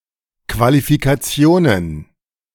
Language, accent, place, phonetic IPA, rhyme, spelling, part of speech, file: German, Germany, Berlin, [kvalifikaˈt͡si̯oːnən], -oːnən, Qualifikationen, noun, De-Qualifikationen.ogg
- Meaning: plural of Qualifikation